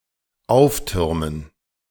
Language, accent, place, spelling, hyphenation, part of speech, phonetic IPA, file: German, Germany, Berlin, auftürmen, auf‧tür‧men, verb, [ˈaʊ̯fˌtʏʁmən], De-auftürmen.ogg
- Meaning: 1. to pile up 2. to tower, to surge (waves) 3. to loom